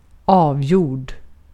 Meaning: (verb) past participle of avgöra; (adjective) definite, decided, done, settled
- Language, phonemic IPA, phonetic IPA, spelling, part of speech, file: Swedish, /²ɑːvˌjuːrd/, [²ɑːvˌjuːɖ], avgjord, verb / adjective, Sv-avgjord.ogg